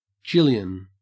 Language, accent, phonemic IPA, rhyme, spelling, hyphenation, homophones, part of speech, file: English, Australia, /ˈd͡ʒɪljən/, -ɪljən, jillion, jil‧lion, gillion / Gillian / Jillian stripped-by-parse_pron_post_template_fn, noun, En-au-jillion.ogg
- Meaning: An unspecified large number (of)